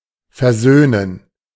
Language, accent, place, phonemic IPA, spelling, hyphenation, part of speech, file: German, Germany, Berlin, /fɛʁˈzøːnən/, versöhnen, ver‧söh‧nen, verb, De-versöhnen.ogg
- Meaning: to reconcile